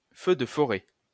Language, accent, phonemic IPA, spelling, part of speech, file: French, France, /fø d(ə) fɔ.ʁɛ/, feu de forêt, noun, LL-Q150 (fra)-feu de forêt.wav
- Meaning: forest fire, wildfire